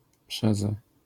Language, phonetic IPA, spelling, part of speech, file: Polish, [ˈpʃɛzɛ], przeze, preposition, LL-Q809 (pol)-przeze.wav